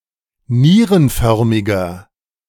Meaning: inflection of nierenförmig: 1. strong/mixed nominative masculine singular 2. strong genitive/dative feminine singular 3. strong genitive plural
- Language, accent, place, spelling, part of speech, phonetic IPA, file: German, Germany, Berlin, nierenförmiger, adjective, [ˈniːʁənˌfœʁmɪɡɐ], De-nierenförmiger.ogg